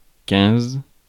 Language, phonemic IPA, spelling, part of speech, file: French, /kɛ̃z/, quinze, numeral, Fr-quinze.ogg
- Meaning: fifteen